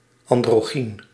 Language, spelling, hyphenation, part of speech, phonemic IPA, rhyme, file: Dutch, androgyn, an‧dro‧gyn, adjective, /ˌɑn.droːˈɣin/, -in, Nl-androgyn.ogg
- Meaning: androgynous